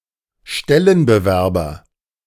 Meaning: female equivalent of Stellenbewerber
- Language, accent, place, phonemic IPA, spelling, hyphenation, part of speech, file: German, Germany, Berlin, /ˈʃtɛlənbəˌvɛʁbəʁɪn/, Stellenbewerberin, Stel‧len‧be‧wer‧be‧rin, noun, De-Stellenbewerberin.ogg